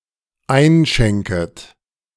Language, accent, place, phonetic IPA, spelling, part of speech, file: German, Germany, Berlin, [ˈaɪ̯nˌʃɛŋkət], einschenket, verb, De-einschenket.ogg
- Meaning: second-person plural dependent subjunctive I of einschenken